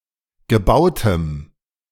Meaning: strong dative masculine/neuter singular of gebaut
- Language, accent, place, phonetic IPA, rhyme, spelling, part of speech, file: German, Germany, Berlin, [ɡəˈbaʊ̯təm], -aʊ̯təm, gebautem, adjective, De-gebautem.ogg